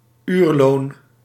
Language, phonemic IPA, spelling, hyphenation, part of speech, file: Dutch, /ˈyr.loːn/, uurloon, uur‧loon, noun, Nl-uurloon.ogg
- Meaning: hourly wages